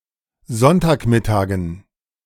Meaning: dative plural of Sonntagmittag
- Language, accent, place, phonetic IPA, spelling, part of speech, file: German, Germany, Berlin, [ˈzɔntaːkˌmɪtaːɡn̩], Sonntagmittagen, noun, De-Sonntagmittagen.ogg